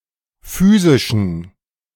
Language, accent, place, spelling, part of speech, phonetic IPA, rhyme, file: German, Germany, Berlin, physischen, adjective, [ˈfyːzɪʃn̩], -yːzɪʃn̩, De-physischen.ogg
- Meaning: inflection of physisch: 1. strong genitive masculine/neuter singular 2. weak/mixed genitive/dative all-gender singular 3. strong/weak/mixed accusative masculine singular 4. strong dative plural